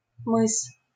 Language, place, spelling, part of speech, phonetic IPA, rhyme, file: Russian, Saint Petersburg, мыс, noun, [mɨs], -ɨs, LL-Q7737 (rus)-мыс.wav
- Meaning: cape, promontory